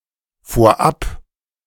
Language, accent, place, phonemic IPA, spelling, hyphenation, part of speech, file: German, Germany, Berlin, /foːɐ̯ˈʔap/, vorab, vor‧ab, adverb, De-vorab.ogg
- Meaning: 1. beforehand 2. first (to begin with, to start with)